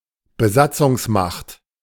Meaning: occupying power
- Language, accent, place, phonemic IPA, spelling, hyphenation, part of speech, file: German, Germany, Berlin, /bəˈzat͡sʊŋsˌmaxt/, Besatzungsmacht, Be‧sat‧zungs‧macht, noun, De-Besatzungsmacht.ogg